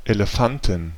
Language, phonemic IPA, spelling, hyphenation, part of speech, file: German, /eleˈfantn̩/, Elefanten, Ele‧fan‧ten, noun, De-Elefanten.ogg
- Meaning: 1. nominative genitive dative accusative plural of Elefant 2. genitive dative accusative singular of Elefant